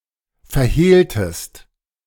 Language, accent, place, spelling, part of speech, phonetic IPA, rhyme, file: German, Germany, Berlin, verhehltest, verb, [fɛɐ̯ˈheːltəst], -eːltəst, De-verhehltest.ogg
- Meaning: inflection of verhehlen: 1. second-person singular preterite 2. second-person singular subjunctive II